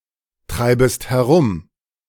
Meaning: second-person singular subjunctive I of herumtreiben
- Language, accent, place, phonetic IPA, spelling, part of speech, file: German, Germany, Berlin, [ˌtʁaɪ̯bəst hɛˈʁʊm], treibest herum, verb, De-treibest herum.ogg